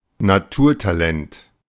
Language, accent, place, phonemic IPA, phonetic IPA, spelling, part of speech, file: German, Germany, Berlin, /naˈtuːrtaˌlɛnt/, [na.ˈtu(ː)ɐ̯.taˌlɛnt], Naturtalent, noun, De-Naturtalent.ogg
- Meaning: natural, prodigy (someone very talented who naturally exhibits skills for which others need learning and practice)